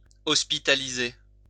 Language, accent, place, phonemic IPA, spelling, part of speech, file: French, France, Lyon, /ɔs.pi.ta.li.ze/, hospitaliser, verb, LL-Q150 (fra)-hospitaliser.wav
- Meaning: to hospitalise